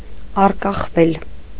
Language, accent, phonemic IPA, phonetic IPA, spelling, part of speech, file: Armenian, Eastern Armenian, /ɑrkɑχˈvel/, [ɑrkɑχvél], առկախվել, verb, Hy-առկախվել.ogg
- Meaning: mediopassive of առկախել (aṙkaxel): to be hanging, to be dangling